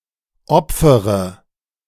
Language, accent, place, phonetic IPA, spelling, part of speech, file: German, Germany, Berlin, [ˈɔp͡fəʁə], opfere, verb, De-opfere.ogg
- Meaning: inflection of opfern: 1. first-person singular present 2. first/third-person singular subjunctive I 3. singular imperative